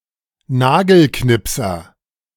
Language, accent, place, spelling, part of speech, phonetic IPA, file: German, Germany, Berlin, Nagelknipser, noun, [ˈnaːɡl̩ˌknɪpsɐ], De-Nagelknipser.ogg
- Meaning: nail clipper